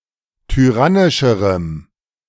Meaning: strong dative masculine/neuter singular comparative degree of tyrannisch
- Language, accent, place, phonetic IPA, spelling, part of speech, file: German, Germany, Berlin, [tyˈʁanɪʃəʁəm], tyrannischerem, adjective, De-tyrannischerem.ogg